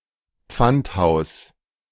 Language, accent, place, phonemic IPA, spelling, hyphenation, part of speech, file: German, Germany, Berlin, /ˈp͡fantˌhaʊ̯s/, Pfandhaus, Pfand‧haus, noun, De-Pfandhaus.ogg
- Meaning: pawn shop